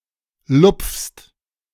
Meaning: second-person singular present of lupfen
- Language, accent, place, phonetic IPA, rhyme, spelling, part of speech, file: German, Germany, Berlin, [lʊp͡fst], -ʊp͡fst, lupfst, verb, De-lupfst.ogg